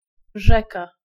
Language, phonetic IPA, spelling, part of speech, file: Polish, [ˈʒɛka], rzeka, noun, Pl-rzeka.ogg